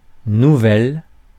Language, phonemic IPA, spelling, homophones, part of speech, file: French, /nu.vɛl/, nouvelles, nouvel / nouvelle, adjective / noun, Fr-nouvelles.ogg
- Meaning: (adjective) feminine plural of nouveau; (noun) 1. plural of nouvelle 2. news